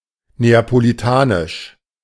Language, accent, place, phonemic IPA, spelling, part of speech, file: German, Germany, Berlin, /ˌneːapoliˈtaːnɪʃ/, neapolitanisch, adjective, De-neapolitanisch.ogg
- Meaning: of Naples, Neapolitan